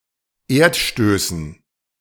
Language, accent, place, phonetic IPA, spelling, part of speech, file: German, Germany, Berlin, [ˈeːɐ̯tˌʃtøːsn̩], Erdstößen, noun, De-Erdstößen.ogg
- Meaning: dative plural of Erdstoß